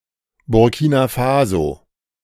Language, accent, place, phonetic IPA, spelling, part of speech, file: German, Germany, Berlin, [bʊʁˈkiːna ˈfaːzo], Burkina Faso, proper noun, De-Burkina Faso.ogg
- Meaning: Burkina Faso (a country in West Africa, formerly Upper Volta)